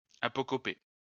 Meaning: to apocopate
- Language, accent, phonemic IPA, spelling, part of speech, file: French, France, /a.pɔ.kɔ.pe/, apocoper, verb, LL-Q150 (fra)-apocoper.wav